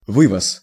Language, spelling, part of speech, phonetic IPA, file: Russian, вывоз, noun, [ˈvɨvəs], Ru-вывоз.ogg
- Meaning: export, exportation, taking out (by vehicle)